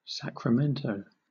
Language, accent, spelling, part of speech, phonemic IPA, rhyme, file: English, Southern England, Sacramento, proper noun, /ˌsækɹəˈmɛntəʊ/, -ɛntəʊ, LL-Q1860 (eng)-Sacramento.wav
- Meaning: 1. The capital city of California, United States and the county seat of Sacramento County 2. The Californian government 3. A major river in northern California